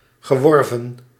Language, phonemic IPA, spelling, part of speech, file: Dutch, /ɣəˈwɔrvə(n)/, geworven, verb, Nl-geworven.ogg
- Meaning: past participle of werven